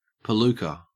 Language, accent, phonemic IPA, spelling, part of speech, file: English, Australia, /pəˈluːkə/, palooka, noun, En-au-palooka.ogg
- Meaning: 1. A stupid, oafish or clumsy person 2. Someone incompetent or untalented